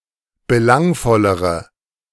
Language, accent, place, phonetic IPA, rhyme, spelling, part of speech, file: German, Germany, Berlin, [bəˈlaŋfɔləʁə], -aŋfɔləʁə, belangvollere, adjective, De-belangvollere.ogg
- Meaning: inflection of belangvoll: 1. strong/mixed nominative/accusative feminine singular comparative degree 2. strong nominative/accusative plural comparative degree